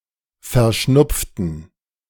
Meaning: inflection of verschnupft: 1. strong genitive masculine/neuter singular 2. weak/mixed genitive/dative all-gender singular 3. strong/weak/mixed accusative masculine singular 4. strong dative plural
- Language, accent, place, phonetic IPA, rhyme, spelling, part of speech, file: German, Germany, Berlin, [fɛɐ̯ˈʃnʊp͡ftn̩], -ʊp͡ftn̩, verschnupften, adjective / verb, De-verschnupften.ogg